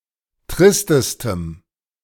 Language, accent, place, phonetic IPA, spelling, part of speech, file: German, Germany, Berlin, [ˈtʁɪstəstəm], tristestem, adjective, De-tristestem.ogg
- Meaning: strong dative masculine/neuter singular superlative degree of trist